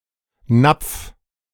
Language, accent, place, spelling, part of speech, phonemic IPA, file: German, Germany, Berlin, Napf, noun, /napf/, De-Napf.ogg
- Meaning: small bowl; cup; now chiefly to hold fodder for animals